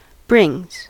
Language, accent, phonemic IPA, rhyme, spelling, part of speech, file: English, US, /ˈbɹɪŋz/, -ɪŋz, brings, verb, En-us-brings.ogg
- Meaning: third-person singular simple present indicative of bring